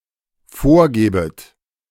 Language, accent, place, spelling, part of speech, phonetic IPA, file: German, Germany, Berlin, vorgäbet, verb, [ˈfoːɐ̯ˌɡɛːbət], De-vorgäbet.ogg
- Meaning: second-person plural dependent subjunctive II of vorgeben